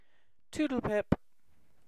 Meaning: Goodbye
- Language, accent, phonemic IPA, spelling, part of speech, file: English, UK, /ˈtuːdl ˌpɪp/, toodle-pip, interjection, En-uk-toodle pip.ogg